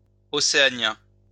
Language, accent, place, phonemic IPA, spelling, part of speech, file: French, France, Lyon, /ɔ.se.a.njɛ̃/, océanien, adjective, LL-Q150 (fra)-océanien.wav
- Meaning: Oceanian